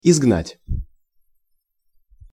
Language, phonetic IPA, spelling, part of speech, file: Russian, [ɪzɡˈnatʲ], изгнать, verb, Ru-изгнать.ogg
- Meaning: to banish, to exile